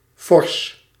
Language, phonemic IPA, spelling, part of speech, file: Dutch, /fɔrs/, fors, adjective, Nl-fors.ogg
- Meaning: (adjective) 1. stout, large 2. substantial, considerable; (adverb) strongly